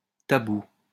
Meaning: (adjective) taboo (excluded or forbidden from use, approach or mention); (noun) taboo
- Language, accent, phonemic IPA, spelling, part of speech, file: French, France, /ta.bu/, tabou, adjective / noun, LL-Q150 (fra)-tabou.wav